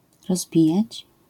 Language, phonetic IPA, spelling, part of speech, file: Polish, [rɔzˈbʲijät͡ɕ], rozbijać, verb, LL-Q809 (pol)-rozbijać.wav